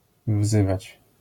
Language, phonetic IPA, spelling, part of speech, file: Polish, [ˈvzɨvat͡ɕ], wzywać, verb, LL-Q809 (pol)-wzywać.wav